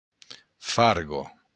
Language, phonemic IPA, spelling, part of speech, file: Occitan, /ˈfarɣo/, farga, noun, LL-Q942602-farga.wav
- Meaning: forge